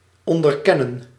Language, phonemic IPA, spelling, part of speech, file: Dutch, /ˌɔn.dərˈkɛ.nə(n)/, onderkennen, verb, Nl-onderkennen.ogg
- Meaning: to be aware of, to understand the importance of